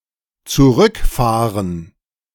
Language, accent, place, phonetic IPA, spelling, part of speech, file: German, Germany, Berlin, [t͡suˈʁʏkˌfaːʁən], zurückfahren, verb, De-zurückfahren.ogg
- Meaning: 1. to go back 2. to drive back